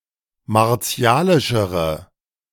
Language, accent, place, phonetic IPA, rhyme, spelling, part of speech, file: German, Germany, Berlin, [maʁˈt͡si̯aːlɪʃəʁə], -aːlɪʃəʁə, martialischere, adjective, De-martialischere.ogg
- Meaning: inflection of martialisch: 1. strong/mixed nominative/accusative feminine singular comparative degree 2. strong nominative/accusative plural comparative degree